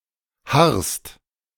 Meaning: second-person singular present of harren
- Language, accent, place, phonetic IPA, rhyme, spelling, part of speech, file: German, Germany, Berlin, [haʁst], -aʁst, harrst, verb, De-harrst.ogg